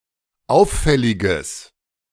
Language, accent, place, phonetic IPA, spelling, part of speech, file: German, Germany, Berlin, [ˈaʊ̯fˌfɛlɪɡəs], auffälliges, adjective, De-auffälliges.ogg
- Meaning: strong/mixed nominative/accusative neuter singular of auffällig